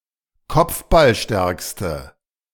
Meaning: inflection of kopfballstark: 1. strong/mixed nominative/accusative feminine singular superlative degree 2. strong nominative/accusative plural superlative degree
- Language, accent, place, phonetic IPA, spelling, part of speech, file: German, Germany, Berlin, [ˈkɔp͡fbalˌʃtɛʁkstə], kopfballstärkste, adjective, De-kopfballstärkste.ogg